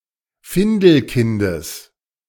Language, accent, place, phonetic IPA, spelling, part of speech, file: German, Germany, Berlin, [ˈfɪndl̩ˌkɪndəs], Findelkindes, noun, De-Findelkindes.ogg
- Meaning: genitive singular of Findelkind